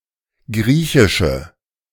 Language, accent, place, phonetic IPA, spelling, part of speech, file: German, Germany, Berlin, [ˈɡʁiːçɪʃə], griechische, adjective, De-griechische.ogg
- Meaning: inflection of griechisch: 1. strong/mixed nominative/accusative feminine singular 2. strong nominative/accusative plural 3. weak nominative all-gender singular